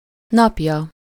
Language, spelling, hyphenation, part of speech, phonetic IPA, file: Hungarian, napja, nap‧ja, noun, [ˈnɒpjɒ], Hu-napja.ogg
- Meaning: third-person singular single-possession possessive of nap